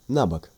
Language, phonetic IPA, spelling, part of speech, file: Russian, [ˈnabək], набок, adverb, Ru-набок.ogg
- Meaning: 1. awry (obliquely, crookedly; askew) 2. sideways